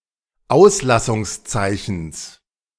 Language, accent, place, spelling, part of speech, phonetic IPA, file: German, Germany, Berlin, Auslassungszeichens, noun, [ˈaʊ̯slasʊŋsˌt͡saɪ̯çn̩s], De-Auslassungszeichens.ogg
- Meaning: genitive singular of Auslassungszeichen